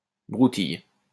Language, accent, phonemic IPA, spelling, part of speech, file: French, France, /bʁu.tij/, broutille, noun, LL-Q150 (fra)-broutille.wav
- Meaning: trifle (inconsequential thing)